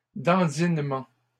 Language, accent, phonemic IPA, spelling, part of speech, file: French, Canada, /dɑ̃.din.mɑ̃/, dandinements, noun, LL-Q150 (fra)-dandinements.wav
- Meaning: plural of dandinement